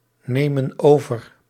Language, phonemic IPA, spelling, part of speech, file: Dutch, /ˈnemə(n) ˈovər/, nemen over, verb, Nl-nemen over.ogg
- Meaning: inflection of overnemen: 1. plural present indicative 2. plural present subjunctive